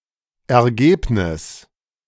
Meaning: 1. result, outcome, conclusion, finding, fruit, consequence, upshot, answer 2. earnings, profit, output, outturn 3. score
- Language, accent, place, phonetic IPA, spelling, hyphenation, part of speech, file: German, Germany, Berlin, [ɛɐ̯ˈɡeːpnɪs], Ergebnis, Er‧geb‧nis, noun, De-Ergebnis.ogg